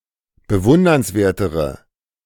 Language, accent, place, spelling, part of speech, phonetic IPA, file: German, Germany, Berlin, bewundernswertere, adjective, [bəˈvʊndɐnsˌveːɐ̯təʁə], De-bewundernswertere.ogg
- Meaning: inflection of bewundernswert: 1. strong/mixed nominative/accusative feminine singular comparative degree 2. strong nominative/accusative plural comparative degree